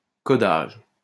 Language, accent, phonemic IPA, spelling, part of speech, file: French, France, /kɔ.daʒ/, codage, noun, LL-Q150 (fra)-codage.wav
- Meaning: coding